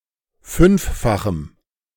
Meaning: strong dative masculine/neuter singular of fünffach
- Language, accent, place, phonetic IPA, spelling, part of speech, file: German, Germany, Berlin, [ˈfʏnfˌfaxm̩], fünffachem, adjective, De-fünffachem.ogg